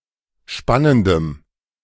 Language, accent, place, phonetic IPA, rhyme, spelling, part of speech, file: German, Germany, Berlin, [ˈʃpanəndəm], -anəndəm, spannendem, adjective, De-spannendem.ogg
- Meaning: strong dative masculine/neuter singular of spannend